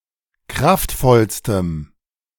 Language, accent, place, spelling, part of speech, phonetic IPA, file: German, Germany, Berlin, kraftvollstem, adjective, [ˈkʁaftˌfɔlstəm], De-kraftvollstem.ogg
- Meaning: strong dative masculine/neuter singular superlative degree of kraftvoll